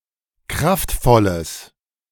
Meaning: strong/mixed nominative/accusative neuter singular of kraftvoll
- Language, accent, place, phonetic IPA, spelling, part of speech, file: German, Germany, Berlin, [ˈkʁaftˌfɔləs], kraftvolles, adjective, De-kraftvolles.ogg